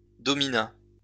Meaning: third-person singular past historic of dominer
- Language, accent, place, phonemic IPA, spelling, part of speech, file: French, France, Lyon, /dɔ.mi.na/, domina, verb, LL-Q150 (fra)-domina.wav